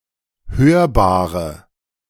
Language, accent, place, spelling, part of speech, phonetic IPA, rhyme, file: German, Germany, Berlin, hörbare, adjective, [ˈhøːɐ̯baːʁə], -øːɐ̯baːʁə, De-hörbare.ogg
- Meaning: inflection of hörbar: 1. strong/mixed nominative/accusative feminine singular 2. strong nominative/accusative plural 3. weak nominative all-gender singular 4. weak accusative feminine/neuter singular